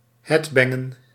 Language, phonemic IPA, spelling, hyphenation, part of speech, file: Dutch, /ˈɦɛdˌbɛ.ŋə(n)/, headbangen, head‧ban‧gen, verb, Nl-headbangen.ogg
- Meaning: to headbang